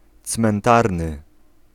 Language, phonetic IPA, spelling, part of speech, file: Polish, [t͡smɛ̃nˈtarnɨ], cmentarny, adjective, Pl-cmentarny.ogg